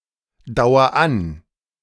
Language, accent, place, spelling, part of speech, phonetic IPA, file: German, Germany, Berlin, dauer an, verb, [ˌdaʊ̯ɐ ˈan], De-dauer an.ogg
- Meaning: inflection of andauern: 1. first-person singular present 2. singular imperative